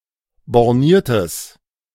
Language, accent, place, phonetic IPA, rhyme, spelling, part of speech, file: German, Germany, Berlin, [bɔʁˈniːɐ̯təs], -iːɐ̯təs, borniertes, adjective, De-borniertes.ogg
- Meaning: strong/mixed nominative/accusative neuter singular of borniert